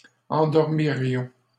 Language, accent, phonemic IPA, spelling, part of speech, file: French, Canada, /ɑ̃.dɔʁ.mi.ʁjɔ̃/, endormirions, verb, LL-Q150 (fra)-endormirions.wav
- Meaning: first-person plural conditional of endormir